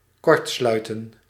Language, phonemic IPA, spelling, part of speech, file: Dutch, /ˈkɔrtslœytə(n)/, kortsluiten, verb, Nl-kortsluiten.ogg
- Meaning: 1. to communicate directly, to make arrangements 2. to short circuit